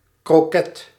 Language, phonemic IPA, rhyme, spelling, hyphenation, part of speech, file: Dutch, /kroːˈkɛt/, -ɛt, kroket, kro‧ket, noun, Nl-kroket.ogg
- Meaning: a croquette filled with ragout, commonly sold in a Dutch snackbar and generally of an elongated shape